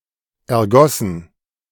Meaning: past participle of ergießen
- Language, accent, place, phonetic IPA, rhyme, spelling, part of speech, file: German, Germany, Berlin, [ɛɐ̯ˈɡɔsn̩], -ɔsn̩, ergossen, verb, De-ergossen.ogg